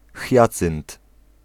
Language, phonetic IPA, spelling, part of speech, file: Polish, [ˈxʲjat͡sɨ̃nt], hiacynt, noun, Pl-hiacynt.ogg